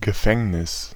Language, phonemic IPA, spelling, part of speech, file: German, /ɡəˈfɛŋnɪs/, Gefängnis, noun, De-Gefängnis.ogg
- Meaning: 1. prison, jail (building) 2. prison sentence